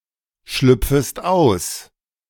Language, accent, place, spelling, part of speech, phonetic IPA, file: German, Germany, Berlin, schlüpfest aus, verb, [ˌʃlʏp͡fəst ˈaʊ̯s], De-schlüpfest aus.ogg
- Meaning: second-person singular subjunctive I of ausschlüpfen